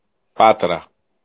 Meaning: Patras (a city in Greece)
- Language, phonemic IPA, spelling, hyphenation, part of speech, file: Greek, /ˈpatɾa/, Πάτρα, Πά‧τρα, proper noun, El-Πάτρα.ogg